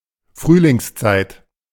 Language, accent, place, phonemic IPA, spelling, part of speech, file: German, Germany, Berlin, /ˈfʁyːlɪŋsˌt͡saɪ̯t/, Frühlingszeit, noun, De-Frühlingszeit.ogg
- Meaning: spring time